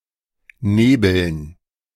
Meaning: dative plural of Nebel
- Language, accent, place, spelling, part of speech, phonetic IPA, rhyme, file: German, Germany, Berlin, Nebeln, noun, [ˈneːbl̩n], -eːbl̩n, De-Nebeln.ogg